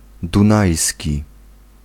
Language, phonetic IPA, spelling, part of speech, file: Polish, [dũˈnajsʲci], dunajski, adjective, Pl-dunajski.ogg